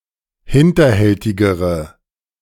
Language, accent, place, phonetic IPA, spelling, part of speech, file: German, Germany, Berlin, [ˈhɪntɐˌhɛltɪɡəʁə], hinterhältigere, adjective, De-hinterhältigere.ogg
- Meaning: inflection of hinterhältig: 1. strong/mixed nominative/accusative feminine singular comparative degree 2. strong nominative/accusative plural comparative degree